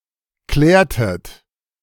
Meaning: inflection of klären: 1. second-person plural preterite 2. second-person plural subjunctive II
- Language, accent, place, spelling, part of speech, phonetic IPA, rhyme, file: German, Germany, Berlin, klärtet, verb, [ˈklɛːɐ̯tət], -ɛːɐ̯tət, De-klärtet.ogg